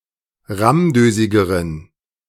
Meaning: inflection of rammdösig: 1. strong genitive masculine/neuter singular comparative degree 2. weak/mixed genitive/dative all-gender singular comparative degree
- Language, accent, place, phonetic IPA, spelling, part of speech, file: German, Germany, Berlin, [ˈʁamˌdøːzɪɡəʁən], rammdösigeren, adjective, De-rammdösigeren.ogg